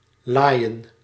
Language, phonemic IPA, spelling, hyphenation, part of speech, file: Dutch, /ˈlaːi̯.ə(n)/, laaien, laai‧en, verb, Nl-laaien.ogg
- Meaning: to rage, to burn ferociously